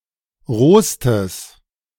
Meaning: strong/mixed nominative/accusative neuter singular superlative degree of roh
- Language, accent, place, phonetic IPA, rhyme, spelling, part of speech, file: German, Germany, Berlin, [ˈʁoːstəs], -oːstəs, rohstes, adjective, De-rohstes.ogg